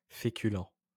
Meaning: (adjective) starchy; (noun) any starchy food
- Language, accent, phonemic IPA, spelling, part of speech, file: French, France, /fe.ky.lɑ̃/, féculent, adjective / noun, LL-Q150 (fra)-féculent.wav